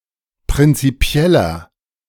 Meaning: 1. comparative degree of prinzipiell 2. inflection of prinzipiell: strong/mixed nominative masculine singular 3. inflection of prinzipiell: strong genitive/dative feminine singular
- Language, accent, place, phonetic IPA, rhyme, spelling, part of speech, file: German, Germany, Berlin, [pʁɪnt͡siˈpi̯ɛlɐ], -ɛlɐ, prinzipieller, adjective, De-prinzipieller.ogg